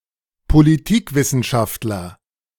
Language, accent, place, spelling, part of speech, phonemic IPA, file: German, Germany, Berlin, Politikwissenschaftler, noun, /poliˈtiːkˌvɪsənʃaftlɐ/, De-Politikwissenschaftler.ogg
- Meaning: political scientist